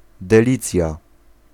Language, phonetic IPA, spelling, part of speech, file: Polish, [dɛˈlʲit͡sʲja], delicja, noun, Pl-delicja.ogg